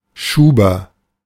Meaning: 1. slipcase 2. locking device, bolt, bar
- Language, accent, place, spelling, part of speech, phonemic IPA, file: German, Germany, Berlin, Schuber, noun, /ˈʃuːbɐ/, De-Schuber.ogg